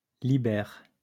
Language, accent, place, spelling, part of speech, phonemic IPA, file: French, France, Lyon, liber, noun, /li.bɛʁ/, LL-Q150 (fra)-liber.wav
- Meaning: 1. bast (of a tree) 2. book